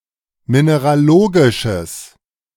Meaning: strong/mixed nominative/accusative neuter singular of mineralogisch
- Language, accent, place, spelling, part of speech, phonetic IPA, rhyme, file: German, Germany, Berlin, mineralogisches, adjective, [ˌmineʁaˈloːɡɪʃəs], -oːɡɪʃəs, De-mineralogisches.ogg